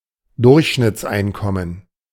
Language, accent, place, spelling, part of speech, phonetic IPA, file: German, Germany, Berlin, Durchschnittseinkommen, noun, [ˈdʊʁçʃnɪt͡sˌʔaɪ̯nkɔmən], De-Durchschnittseinkommen.ogg
- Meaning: average income